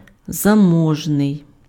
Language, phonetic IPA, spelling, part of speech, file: Ukrainian, [zɐˈmɔʒnei̯], заможний, adjective, Uk-заможний.ogg
- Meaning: well off, well-to-do, wealthy, affluent